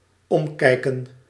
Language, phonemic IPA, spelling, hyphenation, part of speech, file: Dutch, /ˈɔmˌkɛi̯.kə(n)/, omkijken, om‧kij‧ken, verb, Nl-omkijken.ogg
- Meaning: 1. to look back 2. to look after 3. to look around